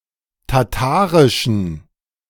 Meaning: inflection of tatarisch: 1. strong genitive masculine/neuter singular 2. weak/mixed genitive/dative all-gender singular 3. strong/weak/mixed accusative masculine singular 4. strong dative plural
- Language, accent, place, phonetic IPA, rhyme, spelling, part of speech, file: German, Germany, Berlin, [taˈtaːʁɪʃn̩], -aːʁɪʃn̩, tatarischen, adjective, De-tatarischen.ogg